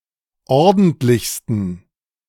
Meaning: 1. superlative degree of ordentlich 2. inflection of ordentlich: strong genitive masculine/neuter singular superlative degree
- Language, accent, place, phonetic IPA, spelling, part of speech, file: German, Germany, Berlin, [ˈɔʁdn̩tlɪçstn̩], ordentlichsten, adjective, De-ordentlichsten.ogg